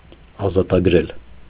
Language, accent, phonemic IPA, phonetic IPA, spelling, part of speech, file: Armenian, Eastern Armenian, /ɑzɑtɑɡˈɾel/, [ɑzɑtɑɡɾél], ազատագրել, verb, Hy-ազատագրել.ogg
- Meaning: to liberate, set free; to emancipate